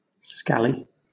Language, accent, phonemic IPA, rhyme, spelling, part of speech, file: English, Southern England, /ˈskæli/, -æli, scally, noun, LL-Q1860 (eng)-scally.wav
- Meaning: 1. A rascal or miscreant, a scallywag 2. A jobless yob who has little or no education, often associated with antisocial behaviour and crime 3. A flat cap or driving cap